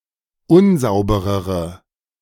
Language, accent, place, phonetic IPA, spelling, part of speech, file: German, Germany, Berlin, [ˈʊnˌzaʊ̯bəʁəʁə], unsauberere, adjective, De-unsauberere.ogg
- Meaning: inflection of unsauber: 1. strong/mixed nominative/accusative feminine singular comparative degree 2. strong nominative/accusative plural comparative degree